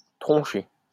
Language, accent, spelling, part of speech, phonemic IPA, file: French, France, troncher, verb, /tʁɔ̃.ʃe/, LL-Q150 (fra)-troncher.wav
- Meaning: to fuck, to shag